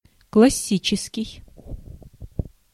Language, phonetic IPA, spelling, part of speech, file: Russian, [kɫɐˈsʲit͡ɕɪskʲɪj], классический, adjective, Ru-классический.ogg
- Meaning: classical (literature, art, etc.)